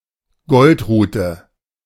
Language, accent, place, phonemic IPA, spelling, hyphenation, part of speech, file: German, Germany, Berlin, /ˈɡɔltˌʁuːtə/, Goldrute, Gold‧ru‧te, noun, De-Goldrute.ogg
- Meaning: goldenrod